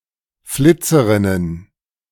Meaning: plural of Flitzerin
- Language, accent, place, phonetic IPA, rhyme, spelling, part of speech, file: German, Germany, Berlin, [ˈflɪt͡səʁɪnən], -ɪt͡səʁɪnən, Flitzerinnen, noun, De-Flitzerinnen.ogg